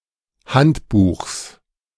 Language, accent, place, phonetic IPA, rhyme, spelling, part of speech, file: German, Germany, Berlin, [ˈhantˌbuːxs], -antbuːxs, Handbuchs, noun, De-Handbuchs.ogg
- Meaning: genitive singular of Handbuch